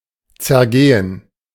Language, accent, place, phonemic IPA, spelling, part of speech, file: German, Germany, Berlin, /tsɛɐ̯ˈɡeːən/, zergehen, verb, De-zergehen.ogg
- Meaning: to melt, to dissolve